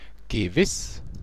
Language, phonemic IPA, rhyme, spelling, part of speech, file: German, /ɡəˈvɪs/, -ɪs, gewiss, adjective / adverb, DE-gewiss.ogg
- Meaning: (adjective) certain; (adverb) certainly, indeed